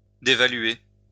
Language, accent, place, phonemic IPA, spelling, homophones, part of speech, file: French, France, Lyon, /de.va.lɥe/, dévaluer, dévaluai / dévalué / dévaluée / dévaluées / dévalués / dévaluez, verb, LL-Q150 (fra)-dévaluer.wav
- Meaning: to devalue